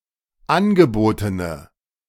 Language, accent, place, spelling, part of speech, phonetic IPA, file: German, Germany, Berlin, angebotene, adjective, [ˈanɡəˌboːtənə], De-angebotene.ogg
- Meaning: inflection of angeboten: 1. strong/mixed nominative/accusative feminine singular 2. strong nominative/accusative plural 3. weak nominative all-gender singular